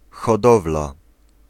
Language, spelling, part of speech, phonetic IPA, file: Polish, hodowla, noun, [xɔˈdɔvla], Pl-hodowla.ogg